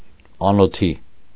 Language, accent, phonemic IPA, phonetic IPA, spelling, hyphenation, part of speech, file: Armenian, Eastern Armenian, /ɑnoˈtʰi/, [ɑnotʰí], անոթի, ա‧նո‧թի, adjective / adverb, Hy-անոթի.ogg
- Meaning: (adjective) 1. hungry 2. poor, destitute; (adverb) on an empty stomach